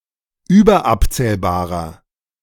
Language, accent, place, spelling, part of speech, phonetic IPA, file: German, Germany, Berlin, überabzählbarer, adjective, [ˈyːbɐˌʔapt͡sɛːlbaːʁɐ], De-überabzählbarer.ogg
- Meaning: inflection of überabzählbar: 1. strong/mixed nominative masculine singular 2. strong genitive/dative feminine singular 3. strong genitive plural